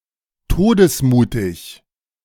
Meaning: fearless, courageous, foolhardy
- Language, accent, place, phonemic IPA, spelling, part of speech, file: German, Germany, Berlin, /ˈtoːdəsˌmuːtɪç/, todesmutig, adjective, De-todesmutig.ogg